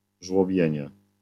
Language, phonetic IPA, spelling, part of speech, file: Polish, [ʒwɔˈbʲjɛ̇̃ɲɛ], żłobienie, noun, LL-Q809 (pol)-żłobienie.wav